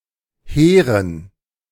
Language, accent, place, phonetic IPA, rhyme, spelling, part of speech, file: German, Germany, Berlin, [ˈheːʁən], -eːʁən, Heeren, noun, De-Heeren.ogg
- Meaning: dative plural of Heer